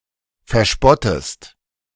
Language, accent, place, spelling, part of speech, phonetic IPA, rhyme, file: German, Germany, Berlin, verspottest, verb, [fɛɐ̯ˈʃpɔtəst], -ɔtəst, De-verspottest.ogg
- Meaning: inflection of verspotten: 1. second-person singular present 2. second-person singular subjunctive I